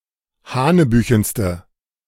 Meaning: inflection of hanebüchen: 1. strong/mixed nominative/accusative feminine singular superlative degree 2. strong nominative/accusative plural superlative degree
- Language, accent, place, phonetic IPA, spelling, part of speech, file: German, Germany, Berlin, [ˈhaːnəˌbyːçn̩stə], hanebüchenste, adjective, De-hanebüchenste.ogg